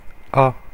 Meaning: The first letter of the French alphabet, written in the Latin script
- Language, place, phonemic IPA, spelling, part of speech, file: French, Paris, /a/, A, character, Fr-FR-A.oga